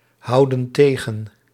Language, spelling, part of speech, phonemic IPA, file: Dutch, houden tegen, verb, /ˈhɑudə(n) ˈteɣə(n)/, Nl-houden tegen.ogg
- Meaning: inflection of tegenhouden: 1. plural present indicative 2. plural present subjunctive